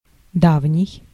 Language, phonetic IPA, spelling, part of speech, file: Russian, [ˈdavnʲɪj], давний, adjective, Ru-давний.ogg
- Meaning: old, ancient, age-old, distant, bygone